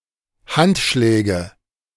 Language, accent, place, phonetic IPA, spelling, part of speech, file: German, Germany, Berlin, [ˈhantˌʃlɛːɡə], Handschläge, noun, De-Handschläge.ogg
- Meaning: nominative/accusative/genitive plural of Handschlag